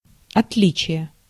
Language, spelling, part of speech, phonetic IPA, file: Russian, отличие, noun, [ɐtˈlʲit͡ɕɪje], Ru-отличие.ogg
- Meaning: 1. difference (quality of being different) 2. distinction